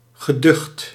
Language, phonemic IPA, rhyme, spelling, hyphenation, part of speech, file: Dutch, /ɣəˈdʏxt/, -ʏxt, geducht, ge‧ducht, adjective / verb, Nl-geducht.ogg
- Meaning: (adjective) fearsome; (verb) past participle of duchten